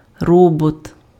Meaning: 1. robot (mechanical or virtual, artificial agent) 2. bot
- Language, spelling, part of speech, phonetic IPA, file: Ukrainian, робот, noun, [ˈrɔbɔt], Uk-робот.ogg